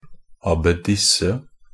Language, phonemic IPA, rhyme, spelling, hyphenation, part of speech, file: Norwegian Bokmål, /ˌɑbːəˈdɪsːə/, -ɪsːə, abbedisse, ab‧be‧dis‧se, noun, NB - Pronunciation of Norwegian Bokmål «abbedisse».ogg
- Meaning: an abbess (female superior of a nunnery)